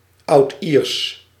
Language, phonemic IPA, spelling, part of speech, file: Dutch, /ɑʊdʔiʁs/, Oudiers, proper noun, Nl-Oudiers.ogg
- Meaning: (proper noun) Old Irish